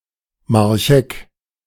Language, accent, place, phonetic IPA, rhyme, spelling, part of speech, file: German, Germany, Berlin, [maʁçˈʔɛk], -ɛk, Marchegg, proper noun, De-Marchegg.ogg
- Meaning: a municipality of Lower Austria, Austria